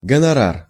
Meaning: fee; honorarium, honorary; royalties
- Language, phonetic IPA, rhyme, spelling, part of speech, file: Russian, [ɡənɐˈrar], -ar, гонорар, noun, Ru-гонорар.ogg